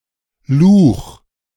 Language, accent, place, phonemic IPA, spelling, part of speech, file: German, Germany, Berlin, /luːχ/, Luch, noun, De-Luch.ogg
- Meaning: boggy lowland, moorland, which may seasonally dry and used as a pasture